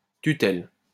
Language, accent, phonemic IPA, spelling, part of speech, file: French, France, /ty.tɛl/, tutelle, noun, LL-Q150 (fra)-tutelle.wav
- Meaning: guardianship under which the ward is only partially or temporarily incapable